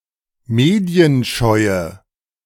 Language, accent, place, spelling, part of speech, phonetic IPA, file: German, Germany, Berlin, medienscheue, adjective, [ˈmeːdi̯ənˌʃɔɪ̯ə], De-medienscheue.ogg
- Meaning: inflection of medienscheu: 1. strong/mixed nominative/accusative feminine singular 2. strong nominative/accusative plural 3. weak nominative all-gender singular